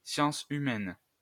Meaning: 1. human science, social science 2. the humanities
- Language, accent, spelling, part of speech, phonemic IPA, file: French, France, science humaine, noun, /sjɑ̃s y.mɛn/, LL-Q150 (fra)-science humaine.wav